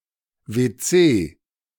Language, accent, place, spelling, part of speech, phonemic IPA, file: German, Germany, Berlin, WC, noun, /ve(ː)ˈtseː/, De-WC.ogg
- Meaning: WC (water closet)